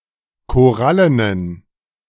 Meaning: inflection of korallen: 1. strong genitive masculine/neuter singular 2. weak/mixed genitive/dative all-gender singular 3. strong/weak/mixed accusative masculine singular 4. strong dative plural
- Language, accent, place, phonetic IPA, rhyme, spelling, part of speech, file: German, Germany, Berlin, [koˈʁalənən], -alənən, korallenen, adjective, De-korallenen.ogg